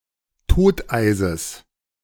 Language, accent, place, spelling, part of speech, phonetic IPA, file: German, Germany, Berlin, Toteises, noun, [ˈtoːtʔaɪ̯zəs], De-Toteises.ogg
- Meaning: genitive of Toteis